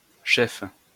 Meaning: feminine plural of chef
- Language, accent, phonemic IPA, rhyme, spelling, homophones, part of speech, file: French, France, /ʃɛf/, -ɛf, cheffes, chef / cheffe / chefs, noun, LL-Q150 (fra)-cheffes.wav